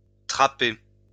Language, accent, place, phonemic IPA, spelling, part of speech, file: French, France, Lyon, /tʁa.pe/, traper, verb, LL-Q150 (fra)-traper.wav